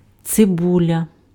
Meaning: 1. onion 2. Allium 3. pocket watch with thick convex glass and convex backside
- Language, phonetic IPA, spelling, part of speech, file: Ukrainian, [t͡seˈbulʲɐ], цибуля, noun, Uk-цибуля.ogg